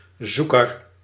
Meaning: 1. searcher, seeker 2. viewfinder
- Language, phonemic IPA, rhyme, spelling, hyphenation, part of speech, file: Dutch, /ˈzu.kər/, -ukər, zoeker, zoe‧ker, noun, Nl-zoeker.ogg